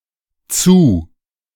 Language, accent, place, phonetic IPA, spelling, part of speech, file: German, Germany, Berlin, [t͡suː], zu-, prefix, De-zu-.ogg
- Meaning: 1. Prefix meaning to, to-, at, on, by 2. obsolete form of zer-